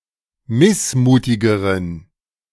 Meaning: inflection of missmutig: 1. strong genitive masculine/neuter singular comparative degree 2. weak/mixed genitive/dative all-gender singular comparative degree
- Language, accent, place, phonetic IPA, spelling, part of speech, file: German, Germany, Berlin, [ˈmɪsˌmuːtɪɡəʁən], missmutigeren, adjective, De-missmutigeren.ogg